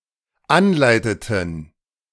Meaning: inflection of anleiten: 1. first/third-person plural dependent preterite 2. first/third-person plural dependent subjunctive II
- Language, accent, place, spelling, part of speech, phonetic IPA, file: German, Germany, Berlin, anleiteten, verb, [ˈanˌlaɪ̯tətn̩], De-anleiteten.ogg